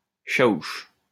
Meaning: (noun) 1. chiaus 2. a service industry worker; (proper noun) alternative letter-case form of Chaouch (“a cultivar of vinifera grape”)
- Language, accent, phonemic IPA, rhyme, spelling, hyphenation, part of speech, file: French, France, /ʃa.uʃ/, -uʃ, chaouch, cha‧ouch, noun / proper noun, LL-Q150 (fra)-chaouch.wav